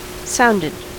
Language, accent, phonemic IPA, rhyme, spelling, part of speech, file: English, US, /ˈsaʊndɪd/, -aʊndɪd, sounded, adjective / verb, En-us-sounded.ogg
- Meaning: simple past and past participle of sound